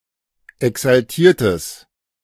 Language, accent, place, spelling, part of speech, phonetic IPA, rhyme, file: German, Germany, Berlin, exaltiertes, adjective, [ɛksalˈtiːɐ̯təs], -iːɐ̯təs, De-exaltiertes.ogg
- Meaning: strong/mixed nominative/accusative neuter singular of exaltiert